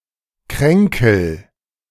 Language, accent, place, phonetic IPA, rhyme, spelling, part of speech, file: German, Germany, Berlin, [ˈkʁɛŋkl̩], -ɛŋkl̩, kränkel, verb, De-kränkel.ogg
- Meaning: inflection of kränkeln: 1. first-person singular present 2. singular imperative